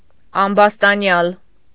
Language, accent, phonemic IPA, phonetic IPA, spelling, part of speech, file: Armenian, Eastern Armenian, /ɑmbɑstɑˈnjɑl/, [ɑmbɑstɑnjɑ́l], ամբաստանյալ, noun, Hy-ամբաստանյալ.ogg
- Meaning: accused (defendant)